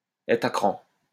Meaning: to be on edge, to be edgy (to be very tense and irritated)
- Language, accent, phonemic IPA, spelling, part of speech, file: French, France, /ɛtʁ a kʁɑ̃/, être à cran, verb, LL-Q150 (fra)-être à cran.wav